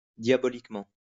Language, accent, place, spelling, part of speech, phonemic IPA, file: French, France, Lyon, diaboliquement, adverb, /dja.bɔ.lik.mɑ̃/, LL-Q150 (fra)-diaboliquement.wav
- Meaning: diabolically